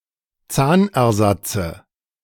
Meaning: nominative/accusative/genitive plural of Zahnersatz
- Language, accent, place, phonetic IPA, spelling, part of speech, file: German, Germany, Berlin, [ˈt͡saːnʔɛɐ̯ˌzat͡sə], Zahnersatze, noun, De-Zahnersatze.ogg